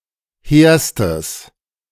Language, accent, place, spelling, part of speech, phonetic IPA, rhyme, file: German, Germany, Berlin, hehrstes, adjective, [ˈheːɐ̯stəs], -eːɐ̯stəs, De-hehrstes.ogg
- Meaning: strong/mixed nominative/accusative neuter singular superlative degree of hehr